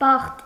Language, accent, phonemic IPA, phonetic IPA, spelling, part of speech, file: Armenian, Eastern Armenian, /bɑχt/, [bɑχt], բախտ, noun, Hy-բախտ.ogg
- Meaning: 1. luck, fortune (good or bad) 2. good fortune, good luck 3. fate, lot, destiny 4. condition, state 5. happiness 6. parting (of hair)